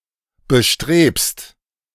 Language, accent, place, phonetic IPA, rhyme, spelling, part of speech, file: German, Germany, Berlin, [bəˈʃtʁeːpst], -eːpst, bestrebst, verb, De-bestrebst.ogg
- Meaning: second-person singular present of bestreben